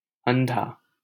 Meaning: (adjective) blind; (noun) blind person
- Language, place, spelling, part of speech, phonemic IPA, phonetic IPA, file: Hindi, Delhi, अंधा, adjective / noun, /ən.d̪ʱɑː/, [ɐ̃n̪.d̪ʱäː], LL-Q1568 (hin)-अंधा.wav